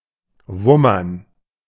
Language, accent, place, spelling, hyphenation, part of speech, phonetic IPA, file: German, Germany, Berlin, wummern, wum‧mern, verb, [ˈvʊmɐn], De-wummern.ogg
- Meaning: an onomatopoeia, to give off a sudden dull sound